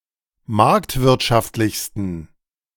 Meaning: 1. superlative degree of marktwirtschaftlich 2. inflection of marktwirtschaftlich: strong genitive masculine/neuter singular superlative degree
- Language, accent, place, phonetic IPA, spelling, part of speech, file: German, Germany, Berlin, [ˈmaʁktvɪʁtʃaftlɪçstn̩], marktwirtschaftlichsten, adjective, De-marktwirtschaftlichsten.ogg